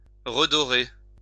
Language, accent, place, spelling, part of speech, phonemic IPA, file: French, France, Lyon, redorer, verb, /ʁə.dɔ.ʁe/, LL-Q150 (fra)-redorer.wav
- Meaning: 1. to regild 2. to rehabilitate